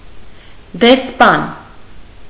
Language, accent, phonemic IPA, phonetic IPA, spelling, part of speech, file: Armenian, Eastern Armenian, /desˈpɑn/, [despɑ́n], դեսպան, noun, Hy-դեսպան.ogg
- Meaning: ambassador